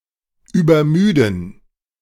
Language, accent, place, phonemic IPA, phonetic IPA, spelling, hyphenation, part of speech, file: German, Germany, Berlin, /ˌyːbɐˈmyːdən/, [ˌyːbɐˈmyːdn̩], übermüden, über‧mü‧den, verb, De-übermüden.ogg
- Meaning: to overtire, to overfatigue